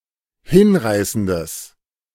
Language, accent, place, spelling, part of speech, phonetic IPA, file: German, Germany, Berlin, hinreißendes, adjective, [ˈhɪnˌʁaɪ̯sn̩dəs], De-hinreißendes.ogg
- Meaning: strong/mixed nominative/accusative neuter singular of hinreißend